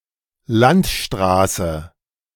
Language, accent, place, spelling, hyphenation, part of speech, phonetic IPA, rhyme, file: German, Germany, Berlin, Landstraße, Land‧stra‧ße, noun, [ˈlantˌʃtʁaːsə], -aːsə, De-Landstraße.ogg
- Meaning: 1. state road 2. country road, rural road